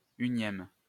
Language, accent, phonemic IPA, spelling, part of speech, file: French, France, /y.njɛm/, unième, suffix, LL-Q150 (fra)-unième.wav
- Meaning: 1. -first (ordinal form of un used in compounds) 2. -oneth (ordinal form of un used in compounds)